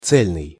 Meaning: 1. whole, unbroken, of one piece 2. whole, undiluted 3. integral, unified 4. whole-hearted
- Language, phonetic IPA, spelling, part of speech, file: Russian, [ˈt͡sɛlʲnɨj], цельный, adjective, Ru-цельный.ogg